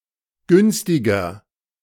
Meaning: inflection of günstig: 1. strong/mixed nominative masculine singular 2. strong genitive/dative feminine singular 3. strong genitive plural
- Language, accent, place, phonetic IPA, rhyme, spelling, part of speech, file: German, Germany, Berlin, [ˈɡʏnstɪɡɐ], -ʏnstɪɡɐ, günstiger, adjective, De-günstiger.ogg